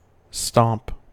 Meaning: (verb) 1. To trample heavily 2. To stamp (one’s foot or feet) 3. To severely beat someone physically or figuratively 4. To completely defeat or overwhelm an enemy, to win by a large lead over someone
- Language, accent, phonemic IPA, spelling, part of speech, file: English, US, /stɑmp/, stomp, verb / noun, En-us-stomp.ogg